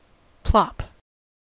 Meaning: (noun) 1. A sound or action like liquid hitting a hard surface, or an object falling into a body of water 2. Excrement; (verb) To make the sound of an object dropping into a body of liquid
- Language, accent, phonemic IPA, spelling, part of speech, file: English, US, /plɑp/, plop, noun / verb / interjection, En-us-plop.ogg